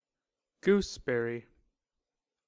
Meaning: A fruit of species Ribes uva-crispa, related to the currant
- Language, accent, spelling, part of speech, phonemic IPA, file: English, US, gooseberry, noun, /ˈɡusˌbɛɹi/, En-us-gooseberry.ogg